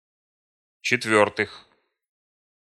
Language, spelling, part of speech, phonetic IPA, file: Russian, четвёртых, noun, [t͡ɕɪtˈvʲɵrtɨx], Ru-четвёртых.ogg
- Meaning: genitive/prepositional plural of четвёртая (četvjórtaja)